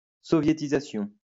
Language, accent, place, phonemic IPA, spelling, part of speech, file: French, France, Lyon, /sɔ.vje.ti.za.sjɔ̃/, soviétisation, noun, LL-Q150 (fra)-soviétisation.wav
- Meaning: Sovietization